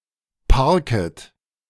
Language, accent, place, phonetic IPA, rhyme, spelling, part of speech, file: German, Germany, Berlin, [ˈpaʁkət], -aʁkət, parket, verb, De-parket.ogg
- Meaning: second-person plural subjunctive I of parken